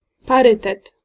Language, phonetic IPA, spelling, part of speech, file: Polish, [paˈrɨtɛt], parytet, noun, Pl-parytet.ogg